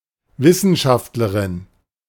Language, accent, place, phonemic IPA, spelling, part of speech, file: German, Germany, Berlin, /ˈvɪsənˌʃaftlɐʁɪn/, Wissenschaftlerin, noun, De-Wissenschaftlerin.ogg
- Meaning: scientist, scholar, researcher, academic (female)